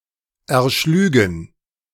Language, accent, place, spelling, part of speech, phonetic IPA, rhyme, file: German, Germany, Berlin, erschlügen, verb, [ɛɐ̯ˈʃlyːɡn̩], -yːɡn̩, De-erschlügen.ogg
- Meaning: first/third-person plural subjunctive II of erschlagen